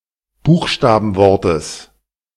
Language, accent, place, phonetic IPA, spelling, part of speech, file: German, Germany, Berlin, [ˈbuːxʃtaːbn̩ˌvɔʁtəs], Buchstabenwortes, noun, De-Buchstabenwortes.ogg
- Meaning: genitive singular of Buchstabenwort